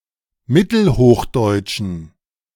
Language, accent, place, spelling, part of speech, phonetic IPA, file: German, Germany, Berlin, mittelhochdeutschen, adjective, [ˈmɪtl̩ˌhoːxdɔɪ̯tʃn̩], De-mittelhochdeutschen.ogg
- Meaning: inflection of mittelhochdeutsch: 1. strong genitive masculine/neuter singular 2. weak/mixed genitive/dative all-gender singular 3. strong/weak/mixed accusative masculine singular